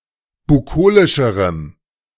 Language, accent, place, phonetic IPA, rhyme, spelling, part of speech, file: German, Germany, Berlin, [buˈkoːlɪʃəʁəm], -oːlɪʃəʁəm, bukolischerem, adjective, De-bukolischerem.ogg
- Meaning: strong dative masculine/neuter singular comparative degree of bukolisch